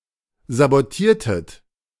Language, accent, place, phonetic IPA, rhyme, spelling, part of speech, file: German, Germany, Berlin, [zaboˈtiːɐ̯tət], -iːɐ̯tət, sabotiertet, verb, De-sabotiertet.ogg
- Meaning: inflection of sabotieren: 1. second-person plural preterite 2. second-person plural subjunctive II